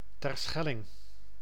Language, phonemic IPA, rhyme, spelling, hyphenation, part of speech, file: Dutch, /ˌtɛrˈsxɛ.lɪŋ/, -ɛlɪŋ, Terschelling, Ter‧schel‧ling, proper noun, Nl-Terschelling.ogg
- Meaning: Terschelling (an island and municipality of Friesland, Netherlands)